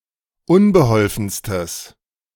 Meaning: strong/mixed nominative/accusative neuter singular superlative degree of unbeholfen
- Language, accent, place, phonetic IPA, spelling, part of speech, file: German, Germany, Berlin, [ˈʊnbəˌhɔlfn̩stəs], unbeholfenstes, adjective, De-unbeholfenstes.ogg